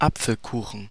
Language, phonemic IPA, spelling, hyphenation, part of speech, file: German, /ˈap͡fəlkuːχn̩/, Apfelkuchen, Ap‧fel‧ku‧chen, noun, De-Apfelkuchen.ogg
- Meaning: apple pie (pie with apple filling)